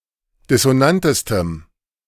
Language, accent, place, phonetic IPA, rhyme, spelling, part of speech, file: German, Germany, Berlin, [dɪsoˈnantəstəm], -antəstəm, dissonantestem, adjective, De-dissonantestem.ogg
- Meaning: strong dative masculine/neuter singular superlative degree of dissonant